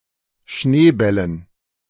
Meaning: dative plural of Schneeball
- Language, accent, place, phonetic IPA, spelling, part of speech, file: German, Germany, Berlin, [ˈʃneːˌbɛlən], Schneebällen, noun, De-Schneebällen.ogg